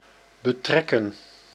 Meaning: 1. to involve, to implicate 2. to live, to settle in 3. to obtain 4. to become cloudy
- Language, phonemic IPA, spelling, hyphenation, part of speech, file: Dutch, /bəˈtrɛkə(n)/, betrekken, be‧trek‧ken, verb, Nl-betrekken.ogg